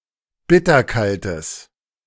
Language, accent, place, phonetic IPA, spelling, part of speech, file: German, Germany, Berlin, [ˈbɪtɐˌkaltəs], bitterkaltes, adjective, De-bitterkaltes.ogg
- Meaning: strong/mixed nominative/accusative neuter singular of bitterkalt